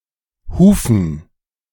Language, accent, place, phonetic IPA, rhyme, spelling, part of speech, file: German, Germany, Berlin, [ˈhuːfn̩], -uːfn̩, Hufen, noun, De-Hufen.ogg
- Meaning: 1. dative plural of Huf 2. plural of Huf 3. plural of Hufe